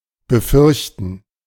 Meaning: to fear (something), be afraid of
- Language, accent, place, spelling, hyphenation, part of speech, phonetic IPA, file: German, Germany, Berlin, befürchten, be‧fürch‧ten, verb, [bəˈfʏʁçtn̩], De-befürchten.ogg